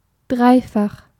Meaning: triple (made up of three matching or complementary elements)
- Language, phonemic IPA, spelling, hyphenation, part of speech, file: German, /ˈdʁaɪ̯ˌfaχ/, dreifach, drei‧fach, adjective, De-dreifach.ogg